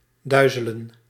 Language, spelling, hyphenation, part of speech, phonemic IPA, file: Dutch, duizelen, dui‧ze‧len, verb, /ˈdœy̯zələ(n)/, Nl-duizelen.ogg
- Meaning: to be/make dizzy